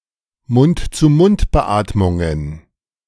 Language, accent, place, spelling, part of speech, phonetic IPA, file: German, Germany, Berlin, Mund-zu-Mund-Beatmungen, noun, [mʊntt͡suːˈmʊntbəˌʔaːtmʊŋən], De-Mund-zu-Mund-Beatmungen.ogg
- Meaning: plural of Mund-zu-Mund-Beatmung